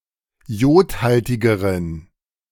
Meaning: inflection of jodhaltig: 1. strong genitive masculine/neuter singular comparative degree 2. weak/mixed genitive/dative all-gender singular comparative degree
- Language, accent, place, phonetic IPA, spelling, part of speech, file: German, Germany, Berlin, [ˈjoːtˌhaltɪɡəʁən], jodhaltigeren, adjective, De-jodhaltigeren.ogg